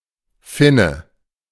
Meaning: 1. big dorsal fin as found in large fish and marine mammals 2. the wedge-shaped end of a hammer's head 3. pimple, pustule 4. larva (of a parasitic worm) 5. Finn (person from Finland)
- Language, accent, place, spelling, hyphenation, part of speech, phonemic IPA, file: German, Germany, Berlin, Finne, Fin‧ne, noun, /ˈfɪnə/, De-Finne.ogg